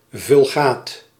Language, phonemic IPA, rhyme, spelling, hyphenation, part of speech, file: Dutch, /vʏlˈɣaːt/, -aːt, Vulgaat, Vul‧gaat, proper noun, Nl-Vulgaat.ogg
- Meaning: Vulgate (Latin translation of the Bible by Jerome)